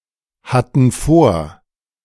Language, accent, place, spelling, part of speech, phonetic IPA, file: German, Germany, Berlin, hatten vor, verb, [ˌhatn̩ ˈfoːɐ̯], De-hatten vor.ogg
- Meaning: first/third-person plural preterite of vorhaben